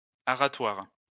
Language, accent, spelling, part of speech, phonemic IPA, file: French, France, aratoire, adjective, /a.ʁa.twaʁ/, LL-Q150 (fra)-aratoire.wav
- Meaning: ploughing